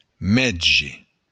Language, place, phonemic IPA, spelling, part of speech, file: Occitan, Béarn, /ˈmɛdʒe/, mètge, noun, LL-Q14185 (oci)-mètge.wav
- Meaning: doctor